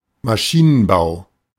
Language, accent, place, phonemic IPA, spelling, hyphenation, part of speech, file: German, Germany, Berlin, /maˈʃiːnənˌbaʊ̯/, Maschinenbau, Ma‧schi‧nen‧bau, noun, De-Maschinenbau.ogg
- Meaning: 1. machine building 2. engineering, especially mechanical engineering